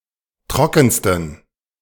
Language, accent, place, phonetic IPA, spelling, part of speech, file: German, Germany, Berlin, [ˈtʁɔkn̩stən], trockensten, adjective, De-trockensten.ogg
- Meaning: 1. superlative degree of trocken 2. inflection of trocken: strong genitive masculine/neuter singular superlative degree